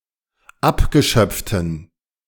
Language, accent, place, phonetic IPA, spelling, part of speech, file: German, Germany, Berlin, [ˈapɡəˌʃœp͡ftn̩], abgeschöpften, adjective, De-abgeschöpften.ogg
- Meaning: inflection of abgeschöpft: 1. strong genitive masculine/neuter singular 2. weak/mixed genitive/dative all-gender singular 3. strong/weak/mixed accusative masculine singular 4. strong dative plural